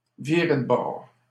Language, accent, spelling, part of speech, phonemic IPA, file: French, Canada, virer de bord, verb, /vi.ʁe d(ə) bɔʁ/, LL-Q150 (fra)-virer de bord.wav
- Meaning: 1. to tack, to change tack, to switch tack, to put about 2. to change sides, to box the compass 3. to switch teams (to change one's sexual orientation)